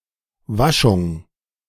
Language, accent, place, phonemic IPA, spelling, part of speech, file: German, Germany, Berlin, /ˈvaʃʊŋ/, Waschung, noun, De-Waschung.ogg
- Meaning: 1. a washing of the body, chiefly for ritual or medical reasons 2. a washing of the body, chiefly for ritual or medical reasons: ablution 3. the act of washing